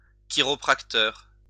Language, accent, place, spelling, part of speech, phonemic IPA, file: French, France, Lyon, chiropracteur, noun, /ki.ʁɔ.pʁak.tœʁ/, LL-Q150 (fra)-chiropracteur.wav
- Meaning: chiropractor